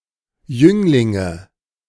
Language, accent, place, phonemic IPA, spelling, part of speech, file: German, Germany, Berlin, /ˈjʏŋlɪŋə/, Jünglinge, noun, De-Jünglinge.ogg
- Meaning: nominative/accusative/genitive plural of Jüngling